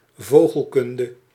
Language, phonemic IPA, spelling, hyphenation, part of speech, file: Dutch, /ˈvoː.ɣəlˌkʏn.də/, vogelkunde, vo‧gel‧kun‧de, noun, Nl-vogelkunde.ogg
- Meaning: ornithology